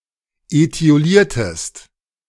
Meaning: inflection of etiolieren: 1. second-person singular preterite 2. second-person singular subjunctive II
- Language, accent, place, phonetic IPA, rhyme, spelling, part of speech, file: German, Germany, Berlin, [eti̯oˈliːɐ̯təst], -iːɐ̯təst, etioliertest, verb, De-etioliertest.ogg